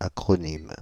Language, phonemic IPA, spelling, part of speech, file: French, /a.kʁɔ.nim/, acronyme, noun, Fr-acronyme.ogg
- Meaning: acronym (pronounced as a normal word)